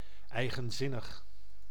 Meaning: idiosyncratic
- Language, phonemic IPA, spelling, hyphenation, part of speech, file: Dutch, /ˌɛi̯.ɣə(n)ˈzɪ.nəx/, eigenzinnig, ei‧gen‧zin‧nig, adjective, Nl-eigenzinnig.ogg